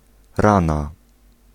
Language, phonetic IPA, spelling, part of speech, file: Polish, [ˈrãna], rana, noun, Pl-rana.ogg